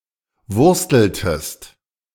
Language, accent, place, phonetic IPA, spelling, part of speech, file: German, Germany, Berlin, [ˈvʊʁstl̩təst], wursteltest, verb, De-wursteltest.ogg
- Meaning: inflection of wursteln: 1. second-person singular preterite 2. second-person singular subjunctive II